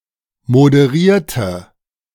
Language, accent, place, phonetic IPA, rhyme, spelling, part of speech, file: German, Germany, Berlin, [modəˈʁiːɐ̯tə], -iːɐ̯tə, moderierte, adjective / verb, De-moderierte.ogg
- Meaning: inflection of moderieren: 1. first/third-person singular preterite 2. first/third-person singular subjunctive II